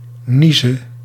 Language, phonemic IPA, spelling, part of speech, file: Dutch, /ˈnizə/, nieze, noun / verb, Nl-nieze.ogg
- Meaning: singular present subjunctive of niezen